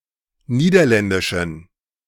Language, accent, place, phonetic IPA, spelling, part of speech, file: German, Germany, Berlin, [ˈniːdɐˌlɛndɪʃn̩], Niederländischen, noun, De-Niederländischen.ogg
- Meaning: weak nominative/accusative singular of Niederländisch